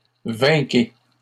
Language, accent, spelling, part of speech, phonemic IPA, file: French, Canada, vainquez, verb, /vɛ̃.ke/, LL-Q150 (fra)-vainquez.wav
- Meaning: inflection of vaincre: 1. second-person plural present indicative 2. second-person plural imperative